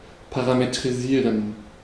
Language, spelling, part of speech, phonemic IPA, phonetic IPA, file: German, parametrisieren, verb, /paʁametʁiˈziːʁen/, [pʰaʁametʁiˈziːɐ̯n], De-parametrisieren.ogg
- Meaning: to parametrize